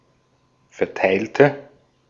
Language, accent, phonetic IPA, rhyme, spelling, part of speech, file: German, Austria, [fɛɐ̯ˈtaɪ̯ltə], -aɪ̯ltə, verteilte, adjective / verb, De-at-verteilte.ogg
- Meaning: inflection of verteilen: 1. first/third-person singular preterite 2. first/third-person singular subjunctive II